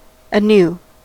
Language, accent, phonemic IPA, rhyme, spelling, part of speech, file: English, US, /əˈnu/, -uː, anew, adverb, En-us-anew.ogg
- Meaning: Again, once more; afresh, in a new way, newly